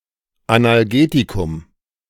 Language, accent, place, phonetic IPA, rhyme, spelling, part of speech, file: German, Germany, Berlin, [analˈɡeːtikʊm], -eːtikʊm, Analgetikum, noun, De-Analgetikum.ogg
- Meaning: analgesic (medicine that reduces pain)